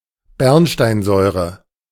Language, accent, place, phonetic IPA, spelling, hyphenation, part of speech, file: German, Germany, Berlin, [ˈbɛʁnʃtaɪ̯nˌzɔɪ̯ʁə], Bernsteinsäure, Bern‧stein‧säu‧re, noun, De-Bernsteinsäure.ogg
- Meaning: succinic acid